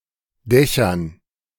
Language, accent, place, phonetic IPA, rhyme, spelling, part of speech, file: German, Germany, Berlin, [ˈdɛçɐn], -ɛçɐn, Dächern, noun, De-Dächern.ogg
- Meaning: dative plural of Dach